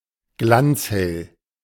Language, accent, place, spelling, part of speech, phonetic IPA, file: German, Germany, Berlin, glanzhell, adjective, [ˈɡlant͡shɛl], De-glanzhell.ogg
- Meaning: bright and clear (especially of white wine)